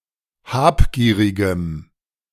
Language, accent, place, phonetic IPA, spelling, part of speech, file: German, Germany, Berlin, [ˈhaːpˌɡiːʁɪɡəm], habgierigem, adjective, De-habgierigem.ogg
- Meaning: strong dative masculine/neuter singular of habgierig